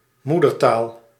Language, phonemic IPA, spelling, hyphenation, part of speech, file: Dutch, /ˈmu.dərˌtaːl/, moedertaal, moe‧der‧taal, noun, Nl-moedertaal.ogg
- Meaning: 1. mother tongue 2. ancestral language (language that is the ancestor of another language)